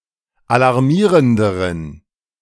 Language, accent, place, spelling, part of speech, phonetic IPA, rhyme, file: German, Germany, Berlin, alarmierenderen, adjective, [alaʁˈmiːʁəndəʁən], -iːʁəndəʁən, De-alarmierenderen.ogg
- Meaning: inflection of alarmierend: 1. strong genitive masculine/neuter singular comparative degree 2. weak/mixed genitive/dative all-gender singular comparative degree